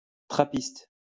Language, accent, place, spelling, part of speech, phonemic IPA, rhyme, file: French, France, Lyon, trappiste, adjective / noun, /tʁa.pist/, -ist, LL-Q150 (fra)-trappiste.wav
- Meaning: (adjective) 1. Trappist 2. of Trappes; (noun) Trappist beer